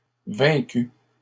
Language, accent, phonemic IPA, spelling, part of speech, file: French, Canada, /vɛ̃.ky/, vaincue, verb, LL-Q150 (fra)-vaincue.wav
- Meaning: feminine singular of vaincu